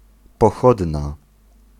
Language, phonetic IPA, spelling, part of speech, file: Polish, [pɔˈxɔdna], pochodna, noun / adjective, Pl-pochodna.ogg